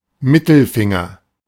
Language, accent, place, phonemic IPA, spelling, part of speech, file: German, Germany, Berlin, /ˈmɪtl̩ˌfɪŋɐ/, Mittelfinger, noun, De-Mittelfinger.ogg
- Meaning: middle finger